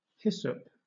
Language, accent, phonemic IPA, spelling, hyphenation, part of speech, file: English, Southern England, /ˈhɪ.səp/, hyssop, hys‧sop, noun, LL-Q1860 (eng)-hyssop.wav
- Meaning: 1. Any of several aromatic bushy herbs, of the genus Hyssopus, native to Southern Europe and once used medicinally 2. Any of several similar plants